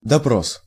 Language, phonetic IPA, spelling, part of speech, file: Russian, [dɐˈpros], допрос, noun, Ru-допрос.ogg
- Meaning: interrogation (act of interrogating or questioning)